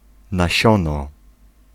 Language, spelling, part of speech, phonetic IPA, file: Polish, nasiono, noun, [naˈɕɔ̃nɔ], Pl-nasiono.ogg